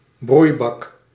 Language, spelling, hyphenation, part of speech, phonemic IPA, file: Dutch, broeibak, broei‧bak, noun, /ˈbrui̯.bɑk/, Nl-broeibak.ogg
- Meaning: a rectangular container with one or more lids on the top containing windows, used in growing plants